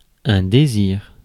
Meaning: desire
- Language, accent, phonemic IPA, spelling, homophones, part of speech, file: French, France, /de.ziʁ/, désir, désire / désirent / désires / désirs, noun, Fr-désir.ogg